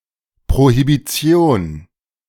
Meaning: 1. prohibition of alcohol / drugs 2. Prohibition
- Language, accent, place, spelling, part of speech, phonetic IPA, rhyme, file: German, Germany, Berlin, Prohibition, noun, [pʁohibiˈt͡si̯oːn], -oːn, De-Prohibition.ogg